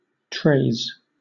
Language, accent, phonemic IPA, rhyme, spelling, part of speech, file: English, Southern England, /tɹeɪz/, -eɪz, treys, noun, LL-Q1860 (eng)-treys.wav
- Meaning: plural of trey